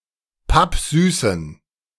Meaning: inflection of pappsüß: 1. strong genitive masculine/neuter singular 2. weak/mixed genitive/dative all-gender singular 3. strong/weak/mixed accusative masculine singular 4. strong dative plural
- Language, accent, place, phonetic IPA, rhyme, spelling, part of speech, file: German, Germany, Berlin, [ˈpapˈzyːsn̩], -yːsn̩, pappsüßen, adjective, De-pappsüßen.ogg